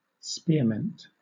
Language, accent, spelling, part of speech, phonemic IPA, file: English, Southern England, spearmint, noun, /ˈspɪəˌmɪnt/, LL-Q1860 (eng)-spearmint.wav
- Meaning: A herb of the mint family (Mentha spicata), commonly used in herb tea, candy and to treat mild stomach ache